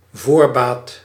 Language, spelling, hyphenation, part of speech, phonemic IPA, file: Dutch, voorbaat, voor‧baat, noun, /ˈvoːr.baːt/, Nl-voorbaat.ogg
- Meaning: 1. earliness, timeliness, punctuality 2. profit, advance